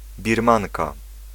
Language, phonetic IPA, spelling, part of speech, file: Polish, [bʲirˈmãŋka], Birmanka, noun, Pl-Birmanka.ogg